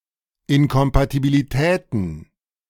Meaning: plural of Inkompatibilität
- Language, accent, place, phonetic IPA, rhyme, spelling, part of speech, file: German, Germany, Berlin, [ɪnkɔmpatibiliˈtɛːtn̩], -ɛːtn̩, Inkompatibilitäten, noun, De-Inkompatibilitäten.ogg